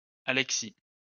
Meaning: a male given name from Ancient Greek
- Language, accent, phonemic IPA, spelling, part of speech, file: French, France, /a.lɛk.si/, Alexis, proper noun, LL-Q150 (fra)-Alexis.wav